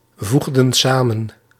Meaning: inflection of samenvoegen: 1. plural past indicative 2. plural past subjunctive
- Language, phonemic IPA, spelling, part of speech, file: Dutch, /ˈvuɣdə(n) ˈsamə(n)/, voegden samen, verb, Nl-voegden samen.ogg